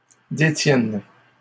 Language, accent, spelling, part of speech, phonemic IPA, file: French, Canada, détiennes, verb, /de.tjɛn/, LL-Q150 (fra)-détiennes.wav
- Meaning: second-person singular present subjunctive of détenir